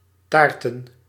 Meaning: plural of taart
- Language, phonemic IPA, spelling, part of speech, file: Dutch, /ˈtartə(n)/, taarten, noun, Nl-taarten.ogg